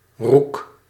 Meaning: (noun) rook (Corvus frugilegus); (verb) inflection of roeken: 1. first-person singular present indicative 2. second-person singular present indicative 3. imperative
- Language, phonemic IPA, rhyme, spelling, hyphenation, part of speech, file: Dutch, /ruk/, -uk, roek, roek, noun / verb, Nl-roek.ogg